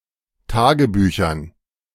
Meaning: dative plural of Tagebuch
- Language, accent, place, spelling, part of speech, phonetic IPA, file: German, Germany, Berlin, Tagebüchern, noun, [ˈtaːɡəˌbyːçɐn], De-Tagebüchern.ogg